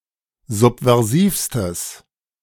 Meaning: strong/mixed nominative/accusative neuter singular superlative degree of subversiv
- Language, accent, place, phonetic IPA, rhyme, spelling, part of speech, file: German, Germany, Berlin, [ˌzupvɛʁˈziːfstəs], -iːfstəs, subversivstes, adjective, De-subversivstes.ogg